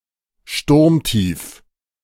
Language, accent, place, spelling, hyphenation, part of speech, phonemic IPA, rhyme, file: German, Germany, Berlin, Sturmtief, Sturm‧tief, noun, /ˈʃtʊʁmtiːf/, -iːf, De-Sturmtief.ogg
- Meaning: deep depression